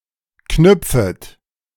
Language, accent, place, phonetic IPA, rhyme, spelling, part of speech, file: German, Germany, Berlin, [ˈknʏp͡fət], -ʏp͡fət, knüpfet, verb, De-knüpfet.ogg
- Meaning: second-person plural subjunctive I of knüpfen